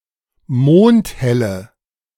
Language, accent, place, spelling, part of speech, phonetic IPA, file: German, Germany, Berlin, mondhelle, adjective, [ˈmoːnthɛlə], De-mondhelle.ogg
- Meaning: inflection of mondhell: 1. strong/mixed nominative/accusative feminine singular 2. strong nominative/accusative plural 3. weak nominative all-gender singular